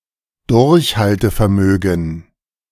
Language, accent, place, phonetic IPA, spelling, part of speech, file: German, Germany, Berlin, [ˈdʊʁçhaltəfɛɐ̯ˌmøːɡn̩], Durchhaltevermögen, noun, De-Durchhaltevermögen.ogg
- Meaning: stamina